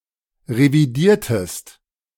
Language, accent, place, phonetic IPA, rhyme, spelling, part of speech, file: German, Germany, Berlin, [ʁeviˈdiːɐ̯təst], -iːɐ̯təst, revidiertest, verb, De-revidiertest.ogg
- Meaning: inflection of revidieren: 1. second-person singular preterite 2. second-person singular subjunctive II